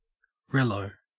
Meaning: 1. A relative 2. A relationship
- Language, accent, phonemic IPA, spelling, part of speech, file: English, Australia, /ˈɹeləʉ/, relo, noun, En-au-relo.ogg